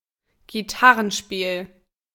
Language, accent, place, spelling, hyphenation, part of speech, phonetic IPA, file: German, Germany, Berlin, Gitarrenspiel, Gi‧tar‧ren‧spiel, noun, [ɡiˈtaʁənˌʃpiːl], De-Gitarrenspiel.ogg
- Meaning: guitar playing, guitar play